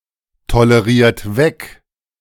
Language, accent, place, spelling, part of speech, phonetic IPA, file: German, Germany, Berlin, toleriert weg, verb, [toləˌʁiːɐ̯t ˈvɛk], De-toleriert weg.ogg
- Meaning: inflection of wegtolerieren: 1. second-person plural present 2. third-person singular present 3. plural imperative